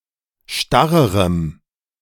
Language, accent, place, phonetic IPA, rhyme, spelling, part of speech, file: German, Germany, Berlin, [ˈʃtaʁəʁəm], -aʁəʁəm, starrerem, adjective, De-starrerem.ogg
- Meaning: strong dative masculine/neuter singular comparative degree of starr